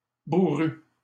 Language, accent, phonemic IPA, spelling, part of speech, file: French, Canada, /bu.ʁy/, bourru, adjective, LL-Q150 (fra)-bourru.wav
- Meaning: surly; gruff